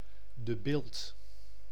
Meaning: a village and municipality of Utrecht, Netherlands
- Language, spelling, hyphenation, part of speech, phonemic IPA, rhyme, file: Dutch, De Bilt, De Bilt, proper noun, /də ˈbɪlt/, -ɪlt, Nl-De Bilt.ogg